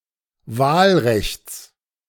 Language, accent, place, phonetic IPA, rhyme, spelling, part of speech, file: German, Germany, Berlin, [ˈvaːlˌʁɛçt͡s], -aːlʁɛçt͡s, Wahlrechts, noun, De-Wahlrechts.ogg
- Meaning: genitive singular of Wahlrecht